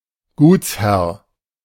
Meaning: landowner
- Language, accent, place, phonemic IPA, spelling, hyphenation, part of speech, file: German, Germany, Berlin, /ˈɡuːt͡sˌhɛʁ/, Gutsherr, Guts‧herr, noun, De-Gutsherr.ogg